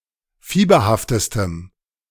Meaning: strong dative masculine/neuter singular superlative degree of fieberhaft
- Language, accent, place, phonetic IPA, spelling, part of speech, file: German, Germany, Berlin, [ˈfiːbɐhaftəstəm], fieberhaftestem, adjective, De-fieberhaftestem.ogg